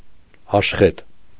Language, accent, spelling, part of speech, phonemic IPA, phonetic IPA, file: Armenian, Eastern Armenian, աշխետ, adjective / noun, /ɑʃˈχet/, [ɑʃχét], Hy-աշխետ.ogg
- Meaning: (adjective) having yellowish-reddish color, bay; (noun) bay horse